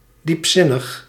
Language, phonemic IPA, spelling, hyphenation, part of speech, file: Dutch, /ˌdipˈsɪ.nəx/, diepzinnig, diep‧zin‧nig, adjective, Nl-diepzinnig.ogg
- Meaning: profound